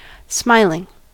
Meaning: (adjective) That smiles or has a smile; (noun) The action of the verb to smile; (verb) present participle and gerund of smile
- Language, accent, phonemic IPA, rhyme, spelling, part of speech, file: English, US, /ˈsmaɪlɪŋ/, -aɪlɪŋ, smiling, adjective / noun / verb, En-us-smiling.ogg